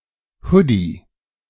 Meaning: hoodie
- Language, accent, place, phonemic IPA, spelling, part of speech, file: German, Germany, Berlin, /ˈhʊdi/, Hoodie, noun, De-Hoodie.ogg